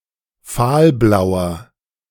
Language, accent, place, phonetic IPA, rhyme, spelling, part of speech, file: German, Germany, Berlin, [ˈfaːlˌblaʊ̯ɐ], -aːlblaʊ̯ɐ, fahlblauer, adjective, De-fahlblauer.ogg
- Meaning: 1. comparative degree of fahlblau 2. inflection of fahlblau: strong/mixed nominative masculine singular 3. inflection of fahlblau: strong genitive/dative feminine singular